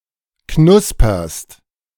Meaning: second-person singular present of knuspern
- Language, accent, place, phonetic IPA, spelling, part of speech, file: German, Germany, Berlin, [ˈknʊspɐst], knusperst, verb, De-knusperst.ogg